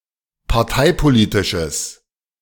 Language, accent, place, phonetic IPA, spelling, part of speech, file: German, Germany, Berlin, [paʁˈtaɪ̯poˌliːtɪʃəs], parteipolitisches, adjective, De-parteipolitisches.ogg
- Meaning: strong/mixed nominative/accusative neuter singular of parteipolitisch